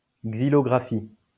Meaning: xylography, woodblock printing
- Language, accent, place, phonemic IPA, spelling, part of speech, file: French, France, Lyon, /ɡzi.lɔ.ɡʁa.fi/, xylographie, noun, LL-Q150 (fra)-xylographie.wav